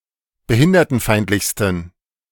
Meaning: 1. superlative degree of behindertenfeindlich 2. inflection of behindertenfeindlich: strong genitive masculine/neuter singular superlative degree
- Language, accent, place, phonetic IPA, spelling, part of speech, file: German, Germany, Berlin, [bəˈhɪndɐtn̩ˌfaɪ̯ntlɪçstn̩], behindertenfeindlichsten, adjective, De-behindertenfeindlichsten.ogg